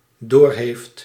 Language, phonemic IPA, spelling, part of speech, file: Dutch, /ɦeːft/, doorheeft, verb, Nl-doorheeft.ogg
- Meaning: inflection of doorhebben: 1. third-person singular dependent-clause present indicative 2. second-person (u) singular dependent-clause present indicative